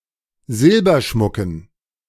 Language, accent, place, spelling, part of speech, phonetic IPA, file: German, Germany, Berlin, Silberschmucken, noun, [ˈzɪlbɐˌʃmʊkn̩], De-Silberschmucken.ogg
- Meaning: dative plural of Silberschmuck